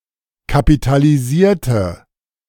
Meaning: inflection of kapitalisieren: 1. first/third-person singular preterite 2. first/third-person singular subjunctive II
- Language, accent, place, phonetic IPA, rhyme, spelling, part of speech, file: German, Germany, Berlin, [kapitaliˈziːɐ̯tə], -iːɐ̯tə, kapitalisierte, adjective / verb, De-kapitalisierte.ogg